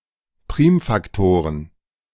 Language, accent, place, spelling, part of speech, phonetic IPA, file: German, Germany, Berlin, Primfaktoren, noun, [ˈpʁiːmfakˌtoːʁən], De-Primfaktoren.ogg
- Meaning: plural of Primfaktor